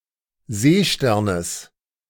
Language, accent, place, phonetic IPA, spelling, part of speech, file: German, Germany, Berlin, [ˈzeːˌʃtɛʁnəs], Seesternes, noun, De-Seesternes.ogg
- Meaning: genitive singular of Seestern